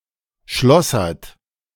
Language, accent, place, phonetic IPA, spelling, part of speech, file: German, Germany, Berlin, [ˈʃlɔsɐt], schlossert, verb, De-schlossert.ogg
- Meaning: inflection of schlossern: 1. third-person singular present 2. second-person plural present 3. plural imperative